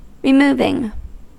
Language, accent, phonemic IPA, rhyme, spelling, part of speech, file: English, US, /ɹɪˈmuːvɪŋ/, -uːvɪŋ, removing, verb / noun, En-us-removing.ogg
- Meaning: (verb) present participle and gerund of remove; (noun) removal